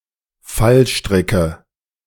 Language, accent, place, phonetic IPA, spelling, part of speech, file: German, Germany, Berlin, [ˈfalˌʃtʁɪkə], Fallstricke, noun, De-Fallstricke.ogg
- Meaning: nominative/accusative/genitive plural of Fallstrick